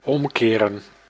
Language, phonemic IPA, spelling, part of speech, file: Dutch, /ˈɔmkerə(n)/, omkeren, verb, Nl-omkeren.ogg
- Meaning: 1. to turn around 2. to reverse 3. to turn upside down